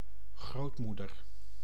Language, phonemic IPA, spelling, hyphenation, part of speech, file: Dutch, /ˈɣroːtˌmu.dər/, grootmoeder, groot‧moe‧der, noun, Nl-grootmoeder.ogg
- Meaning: grandmother